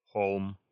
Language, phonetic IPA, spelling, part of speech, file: Russian, [xoɫm], холм, noun, Ru-холм .ogg
- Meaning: hill